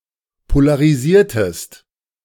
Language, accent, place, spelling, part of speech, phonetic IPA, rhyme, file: German, Germany, Berlin, polarisiertest, verb, [polaʁiˈziːɐ̯təst], -iːɐ̯təst, De-polarisiertest.ogg
- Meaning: inflection of polarisieren: 1. second-person singular preterite 2. second-person singular subjunctive II